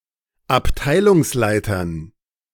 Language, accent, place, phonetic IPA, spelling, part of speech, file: German, Germany, Berlin, [apˈtaɪ̯lʊŋsˌlaɪ̯tɐn], Abteilungsleitern, noun, De-Abteilungsleitern.ogg
- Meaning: dative plural of Abteilungsleiter